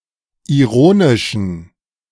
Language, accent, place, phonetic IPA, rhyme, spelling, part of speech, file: German, Germany, Berlin, [iˈʁoːnɪʃn̩], -oːnɪʃn̩, ironischen, adjective, De-ironischen.ogg
- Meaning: inflection of ironisch: 1. strong genitive masculine/neuter singular 2. weak/mixed genitive/dative all-gender singular 3. strong/weak/mixed accusative masculine singular 4. strong dative plural